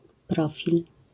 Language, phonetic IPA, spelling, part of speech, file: Polish, [ˈprɔfʲil], profil, noun, LL-Q809 (pol)-profil.wav